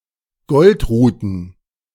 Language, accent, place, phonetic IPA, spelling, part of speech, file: German, Germany, Berlin, [ˈɡɔltˌʁuːtn̩], Goldruten, noun, De-Goldruten.ogg
- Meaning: plural of Goldrute